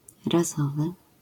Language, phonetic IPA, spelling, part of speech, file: Polish, [raˈzɔvɨ], razowy, adjective, LL-Q809 (pol)-razowy.wav